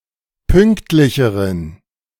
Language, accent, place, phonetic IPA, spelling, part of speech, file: German, Germany, Berlin, [ˈpʏŋktlɪçəʁən], pünktlicheren, adjective, De-pünktlicheren.ogg
- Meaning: inflection of pünktlich: 1. strong genitive masculine/neuter singular comparative degree 2. weak/mixed genitive/dative all-gender singular comparative degree